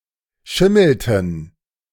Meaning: inflection of schimmeln: 1. first/third-person plural preterite 2. first/third-person plural subjunctive II
- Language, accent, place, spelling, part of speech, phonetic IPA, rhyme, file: German, Germany, Berlin, schimmelten, verb, [ˈʃɪml̩tn̩], -ɪml̩tn̩, De-schimmelten.ogg